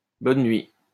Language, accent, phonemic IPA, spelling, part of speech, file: French, France, /bɔn nɥi/, bonne nuit, interjection, LL-Q150 (fra)-bonne nuit.wav
- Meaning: good night (a phrase uttered upon a farewell)